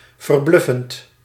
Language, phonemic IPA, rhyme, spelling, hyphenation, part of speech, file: Dutch, /vərˈblʏ.fənt/, -ʏfənt, verbluffend, ver‧bluf‧fend, adjective, Nl-verbluffend.ogg
- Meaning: amazing, astonishing